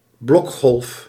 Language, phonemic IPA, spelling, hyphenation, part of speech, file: Dutch, /ˈblɔk.xɔlf/, blokgolf, blok‧golf, noun, Nl-blokgolf.ogg
- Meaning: square wave